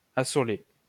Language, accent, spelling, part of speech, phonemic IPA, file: French, France, assoler, verb, /a.sɔ.le/, LL-Q150 (fra)-assoler.wav
- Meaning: to practice crop rotation